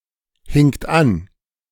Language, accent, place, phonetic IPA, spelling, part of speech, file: German, Germany, Berlin, [hɪŋt ˈan], hingt an, verb, De-hingt an.ogg
- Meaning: second-person plural preterite of anhängen